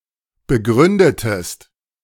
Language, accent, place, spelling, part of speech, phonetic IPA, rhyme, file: German, Germany, Berlin, begründetest, verb, [bəˈɡʁʏndətəst], -ʏndətəst, De-begründetest.ogg
- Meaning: inflection of begründen: 1. second-person singular preterite 2. second-person singular subjunctive II